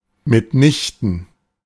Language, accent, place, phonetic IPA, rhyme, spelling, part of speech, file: German, Germany, Berlin, [mɪtˈnɪçtn̩], -ɪçtn̩, mitnichten, adverb, De-mitnichten.ogg
- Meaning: by no means, not at all